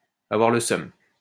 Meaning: to be pissed off, to be cheesed off
- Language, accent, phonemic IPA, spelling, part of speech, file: French, France, /a.vwaʁ lə sœm/, avoir le seum, verb, LL-Q150 (fra)-avoir le seum.wav